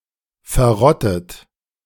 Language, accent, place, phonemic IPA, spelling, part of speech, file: German, Germany, Berlin, /fɛʁˈʁɔtət/, verrottet, verb / adjective, De-verrottet.ogg
- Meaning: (verb) past participle of verrotten; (adjective) decayed, rotten; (verb) inflection of verrotten: 1. third-person singular present 2. second-person plural present 3. second-person plural subjunctive I